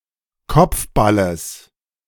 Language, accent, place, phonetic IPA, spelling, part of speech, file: German, Germany, Berlin, [ˈkɔp͡fˌbaləs], Kopfballes, noun, De-Kopfballes.ogg
- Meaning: genitive singular of Kopfball